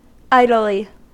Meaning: 1. Without specific purpose, intent or effort 2. In an idle manner
- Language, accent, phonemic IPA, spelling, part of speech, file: English, US, /ˈaɪd(ə)lɪ/, idly, adverb, En-us-idly.ogg